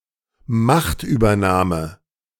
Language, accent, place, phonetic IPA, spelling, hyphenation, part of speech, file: German, Germany, Berlin, [ˈmaχtʔyːbɐˌnaːmə], Machtübernahme, Macht‧über‧nah‧me, noun, De-Machtübernahme.ogg
- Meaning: takeover of power